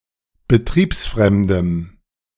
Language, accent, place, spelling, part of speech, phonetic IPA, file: German, Germany, Berlin, betriebsfremdem, adjective, [bəˈtʁiːpsˌfʁɛmdəm], De-betriebsfremdem.ogg
- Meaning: strong dative masculine/neuter singular of betriebsfremd